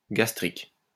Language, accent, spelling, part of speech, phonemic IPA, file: French, France, gastrique, adjective, /ɡas.tʁik/, LL-Q150 (fra)-gastrique.wav
- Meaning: gastric